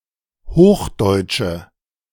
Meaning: 1. alternative form of Hochdeutsch 2. accusative singular of Hochdeutsch
- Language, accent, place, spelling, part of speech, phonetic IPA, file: German, Germany, Berlin, Hochdeutsche, noun, [ˈhoːxˌdɔɪ̯tʃə], De-Hochdeutsche.ogg